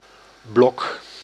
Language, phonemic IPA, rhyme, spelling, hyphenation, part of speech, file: Dutch, /blɔk/, -ɔk, blok, blok, noun / verb, Nl-blok.ogg
- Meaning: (noun) 1. a block (e.g. wood) 2. a street block 3. a political bloc; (verb) inflection of blokken: 1. first-person singular present indicative 2. second-person singular present indicative